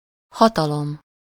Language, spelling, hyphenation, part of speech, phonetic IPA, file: Hungarian, hatalom, ha‧ta‧lom, noun, [ˈhɒtɒlom], Hu-hatalom.ogg
- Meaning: power (control and influence over another)